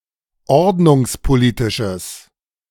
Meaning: strong/mixed nominative/accusative neuter singular of ordnungspolitisch
- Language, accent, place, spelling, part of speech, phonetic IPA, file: German, Germany, Berlin, ordnungspolitisches, adjective, [ˈɔʁdnʊŋspoˌliːtɪʃəs], De-ordnungspolitisches.ogg